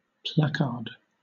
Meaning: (noun) 1. A sheet of paper or cardboard with a written or printed announcement on one side for display in a public place 2. A public proclamation; a manifesto or edict issued by authority
- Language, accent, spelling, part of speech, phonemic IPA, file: English, Southern England, placard, noun / verb, /ˈplæk.ɑːd/, LL-Q1860 (eng)-placard.wav